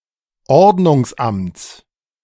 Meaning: genitive singular of Ordnungsamt
- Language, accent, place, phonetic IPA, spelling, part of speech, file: German, Germany, Berlin, [ˈɔʁdnʊŋsˌʔamt͡s], Ordnungsamts, noun, De-Ordnungsamts.ogg